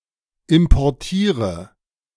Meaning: inflection of importieren: 1. first-person singular present 2. singular imperative 3. first/third-person singular subjunctive I
- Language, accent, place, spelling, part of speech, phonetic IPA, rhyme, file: German, Germany, Berlin, importiere, verb, [ɪmpɔʁˈtiːʁə], -iːʁə, De-importiere.ogg